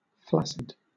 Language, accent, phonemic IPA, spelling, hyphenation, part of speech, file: English, Southern England, /ˈflæ(k)sɪd/, flaccid, flac‧cid, adjective, LL-Q1860 (eng)-flaccid.wav
- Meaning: 1. Flabby; lacking firmness or muscle tone 2. Soft; floppy 3. Soft; floppy.: Not erect 4. Lacking energy or vigor